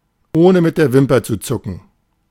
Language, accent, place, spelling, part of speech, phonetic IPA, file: German, Germany, Berlin, ohne mit der Wimper zu zucken, adverb, [ˌoːnə mɪt deːɐ̯ ˈvɪmpɐ t͡suː ˌt͡sʊkn̩], De-ohne mit der Wimper zu zucken.ogg
- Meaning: without batting an eyelash